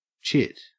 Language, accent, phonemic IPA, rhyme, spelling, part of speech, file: English, Australia, /t͡ʃɪt/, -ɪt, chit, noun / verb / interjection, En-au-chit.ogg
- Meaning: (noun) 1. A child or babe; a young, small, or insignificant person or animal 2. A pert or sassy young person, especially a young woman 3. The embryonic growing bud of a plant